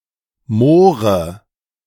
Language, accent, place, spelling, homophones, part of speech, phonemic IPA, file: German, Germany, Berlin, More, Moore, noun, /ˈmoːʁə/, De-More.ogg
- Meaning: mora